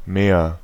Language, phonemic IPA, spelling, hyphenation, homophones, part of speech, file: German, /meːr/, Meer, Meer, mehr, noun, De-Meer.ogg
- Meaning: 1. sea 2. lake